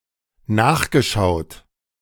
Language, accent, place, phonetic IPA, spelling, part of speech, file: German, Germany, Berlin, [ˈnaːxɡəˌʃaʊ̯t], nachgeschaut, verb, De-nachgeschaut.ogg
- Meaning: past participle of nachschauen